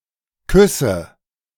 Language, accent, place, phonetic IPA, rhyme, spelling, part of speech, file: German, Germany, Berlin, [ˈkʏsə], -ʏsə, küsse, verb, De-küsse.ogg
- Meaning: inflection of küssen: 1. first-person singular present 2. first/third-person singular subjunctive I 3. singular imperative